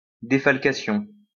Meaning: deduction (act of deducting), defalcation
- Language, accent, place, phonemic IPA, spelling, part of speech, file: French, France, Lyon, /de.fal.ka.sjɔ̃/, défalcation, noun, LL-Q150 (fra)-défalcation.wav